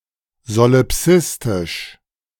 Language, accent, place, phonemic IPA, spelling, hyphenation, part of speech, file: German, Germany, Berlin, /zoliˈpsɪstɪʃ/, solipsistisch, so‧li‧psis‧tisch, adjective, De-solipsistisch.ogg
- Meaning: solipsistic